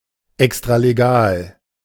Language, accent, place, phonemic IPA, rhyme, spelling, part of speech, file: German, Germany, Berlin, /ɛkstʁaleˈɡaːl/, -aːl, extralegal, adjective, De-extralegal.ogg
- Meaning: extralegal